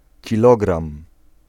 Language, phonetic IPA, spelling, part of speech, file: Polish, [ciˈlɔɡrãm], kilogram, noun, Pl-kilogram.ogg